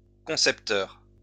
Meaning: 1. conceiver (someone who comes up with an idea) 2. ideas man
- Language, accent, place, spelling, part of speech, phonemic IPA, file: French, France, Lyon, concepteur, noun, /kɔ̃.sɛp.tœʁ/, LL-Q150 (fra)-concepteur.wav